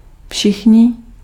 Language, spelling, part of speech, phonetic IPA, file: Czech, všichni, pronoun, [ˈfʃɪxɲɪ], Cs-všichni.ogg
- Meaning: 1. masculine animate plural nominative of všechen 2. all 3. everybody, everyone